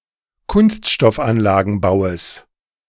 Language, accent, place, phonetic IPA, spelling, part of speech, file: German, Germany, Berlin, [ˌkʊnstʃtɔfˈanlaːɡn̩baʊ̯əs], Kunststoffanlagenbaues, noun, De-Kunststoffanlagenbaues.ogg
- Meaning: genitive singular of Kunststoffanlagenbau